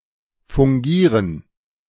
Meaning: to act, to serve (to fill a certain role or function)
- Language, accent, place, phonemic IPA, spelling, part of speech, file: German, Germany, Berlin, /fʊŋˈɡiːʁən/, fungieren, verb, De-fungieren.ogg